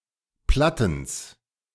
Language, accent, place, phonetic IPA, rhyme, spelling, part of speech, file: German, Germany, Berlin, [ˈplatn̩s], -atn̩s, Plattens, noun, De-Plattens.ogg
- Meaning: genitive singular of Platten